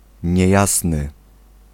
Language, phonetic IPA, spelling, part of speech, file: Polish, [ɲɛ̇ˈjasnɨ], niejasny, adjective, Pl-niejasny.ogg